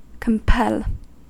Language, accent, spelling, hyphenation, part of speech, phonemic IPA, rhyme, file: English, US, compel, com‧pel, verb, /kəmˈpɛl/, -ɛl, En-us-compel.ogg
- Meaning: 1. To drive together, round up 2. To overpower; to subdue 3. To force, constrain, or coerce 4. To forcefully or powerfully motivate (a course of action)